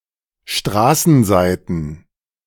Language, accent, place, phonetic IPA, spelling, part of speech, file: German, Germany, Berlin, [ˈʃtʁaːsn̩ˌzaɪ̯tn̩], Straßenseiten, noun, De-Straßenseiten.ogg
- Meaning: plural of Straßenseite